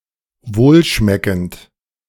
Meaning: tasty, palatable, delicious
- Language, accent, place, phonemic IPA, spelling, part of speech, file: German, Germany, Berlin, /ˈvoːlˌʃmɛkənt/, wohlschmeckend, adjective, De-wohlschmeckend.ogg